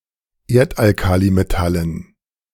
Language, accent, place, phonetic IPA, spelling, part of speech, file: German, Germany, Berlin, [ˈeːɐ̯tʔalˌkaːlimetalən], Erdalkalimetallen, noun, De-Erdalkalimetallen.ogg
- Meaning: dative plural of Erdalkalimetall